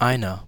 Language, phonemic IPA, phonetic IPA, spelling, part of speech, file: German, /aɪ̯nar/, [ˈʔaɪ̯nɐ], einer, numeral / article / pronoun, De-einer.ogg
- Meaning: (numeral) genitive/dative feminine singular of ein; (pronoun) 1. one 2. someone, somebody 3. Used as a dummy object in some set phrases 4. strong genitive/dative feminine singular of einer